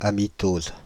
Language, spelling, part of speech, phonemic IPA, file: French, amitose, noun, /a.mi.toz/, Fr-amitose.ogg
- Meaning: amitosis